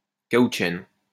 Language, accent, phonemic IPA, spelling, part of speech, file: French, France, /ka.ut.ʃɛn/, caoutchène, noun, LL-Q150 (fra)-caoutchène.wav
- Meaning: caoutchin